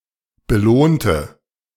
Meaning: inflection of belohnen: 1. first/third-person singular preterite 2. first/third-person singular subjunctive II
- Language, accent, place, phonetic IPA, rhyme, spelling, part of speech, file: German, Germany, Berlin, [bəˈloːntə], -oːntə, belohnte, adjective / verb, De-belohnte.ogg